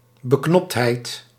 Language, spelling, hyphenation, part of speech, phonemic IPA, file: Dutch, beknoptheid, be‧knopt‧heid, noun, /bəˈknɔptˌɦɛi̯t/, Nl-beknoptheid.ogg
- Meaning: conciseness, brevity